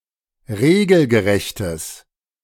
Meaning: strong/mixed nominative/accusative neuter singular of regelgerecht
- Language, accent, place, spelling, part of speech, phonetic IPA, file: German, Germany, Berlin, regelgerechtes, adjective, [ˈʁeːɡl̩ɡəˌʁɛçtəs], De-regelgerechtes.ogg